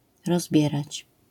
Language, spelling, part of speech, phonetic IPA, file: Polish, rozbierać, verb, [rɔzˈbʲjɛrat͡ɕ], LL-Q809 (pol)-rozbierać.wav